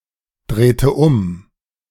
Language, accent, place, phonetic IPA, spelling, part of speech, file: German, Germany, Berlin, [ˌdʁeːtə ˈʊm], drehte um, verb, De-drehte um.ogg
- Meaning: inflection of umdrehen: 1. first/third-person singular preterite 2. first/third-person singular subjunctive II